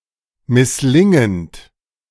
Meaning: present participle of misslingen
- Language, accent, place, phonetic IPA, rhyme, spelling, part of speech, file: German, Germany, Berlin, [mɪsˈlɪŋənt], -ɪŋənt, misslingend, verb, De-misslingend.ogg